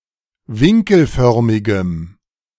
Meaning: strong dative masculine/neuter singular of winkelförmig
- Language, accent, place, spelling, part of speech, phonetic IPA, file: German, Germany, Berlin, winkelförmigem, adjective, [ˈvɪŋkl̩ˌfœʁmɪɡəm], De-winkelförmigem.ogg